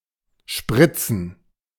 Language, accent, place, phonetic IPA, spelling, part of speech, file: German, Germany, Berlin, [ˈʃpʁɪt͡sn̩], spritzen, verb, De-spritzen.ogg
- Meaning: 1. to spurt, to squirt, to splash, to spatter, to spray 2. to inject 3. to spunk, to ejaculate 4. to spray with pesticide